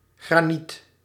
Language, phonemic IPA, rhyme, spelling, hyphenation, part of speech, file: Dutch, /ɣrɑˈnit/, -it, graniet, gra‧niet, noun, Nl-graniet.ogg
- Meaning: granite